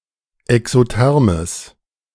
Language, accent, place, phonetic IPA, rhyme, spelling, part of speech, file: German, Germany, Berlin, [ɛksoˈtɛʁməs], -ɛʁməs, exothermes, adjective, De-exothermes.ogg
- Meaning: strong/mixed nominative/accusative neuter singular of exotherm